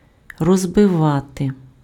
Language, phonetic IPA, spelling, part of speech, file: Ukrainian, [rɔzbeˈʋate], розбивати, verb, Uk-розбивати.ogg
- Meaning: 1. to break, to smash, to shatter 2. to fracture 3. to divide 4. to lay out (:park) 5. to pitch (:tent)